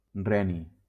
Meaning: rhenium
- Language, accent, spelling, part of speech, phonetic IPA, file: Catalan, Valencia, reni, noun, [ˈrɛ.ni], LL-Q7026 (cat)-reni.wav